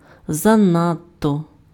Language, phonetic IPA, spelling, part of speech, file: Ukrainian, [zɐˈnadtɔ], занадто, adverb, Uk-занадто.ogg
- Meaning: too (excessively)